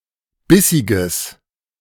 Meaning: strong/mixed nominative/accusative neuter singular of bissig
- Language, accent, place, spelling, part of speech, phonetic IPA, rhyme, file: German, Germany, Berlin, bissiges, adjective, [ˈbɪsɪɡəs], -ɪsɪɡəs, De-bissiges.ogg